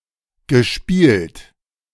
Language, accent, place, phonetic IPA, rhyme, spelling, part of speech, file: German, Germany, Berlin, [ɡəˈʃpiːlt], -iːlt, gespielt, verb, De-gespielt.ogg
- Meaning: past participle of spielen